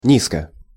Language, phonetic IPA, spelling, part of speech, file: Russian, [ˈnʲiskə], низко, adverb / adjective, Ru-низко.ogg
- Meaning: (adverb) 1. basely, meanly 2. low, close to the ground level; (adjective) short neuter singular of ни́зкий (nízkij, “low”)